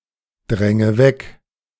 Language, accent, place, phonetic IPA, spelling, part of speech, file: German, Germany, Berlin, [ˌdʁɛŋə ˈvɛk], dränge weg, verb, De-dränge weg.ogg
- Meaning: inflection of wegdrängen: 1. first-person singular present 2. first/third-person singular subjunctive I 3. singular imperative